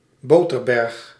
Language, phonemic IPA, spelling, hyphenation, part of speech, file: Dutch, /ˈboː.tərˌbɛrx/, boterberg, bo‧ter‧berg, noun, Nl-boterberg.ogg
- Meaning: butter mountain (surplus of butter)